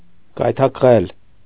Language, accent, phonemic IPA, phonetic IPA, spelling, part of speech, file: Armenian, Eastern Armenian, /ɡɑjtʰɑk(ə)ˈʁel/, [ɡɑjtʰɑk(ə)ʁél], գայթակղել, verb, Hy-գայթակղել.ogg
- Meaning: 1. to seduce 2. to tempt